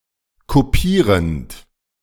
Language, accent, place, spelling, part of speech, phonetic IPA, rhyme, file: German, Germany, Berlin, kopierend, verb, [koˈpiːʁənt], -iːʁənt, De-kopierend.ogg
- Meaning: present participle of kopieren